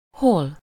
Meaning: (adverb) where?; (conjunction) now… now, sometimes… sometimes, either… or
- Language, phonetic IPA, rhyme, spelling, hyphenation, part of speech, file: Hungarian, [ˈhol], -ol, hol, hol, adverb / conjunction, Hu-hol.ogg